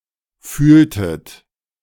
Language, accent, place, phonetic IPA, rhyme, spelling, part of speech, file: German, Germany, Berlin, [ˈfyːltət], -yːltət, fühltet, verb, De-fühltet.ogg
- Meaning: inflection of fühlen: 1. second-person plural preterite 2. second-person plural subjunctive II